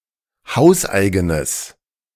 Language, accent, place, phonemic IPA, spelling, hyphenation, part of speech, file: German, Germany, Berlin, /ˈhaʊ̯sˌʔaɪ̯ɡənəs/, hauseigenes, haus‧ei‧ge‧nes, adjective, De-hauseigenes.ogg
- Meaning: strong/mixed nominative/accusative neuter singular of hauseigen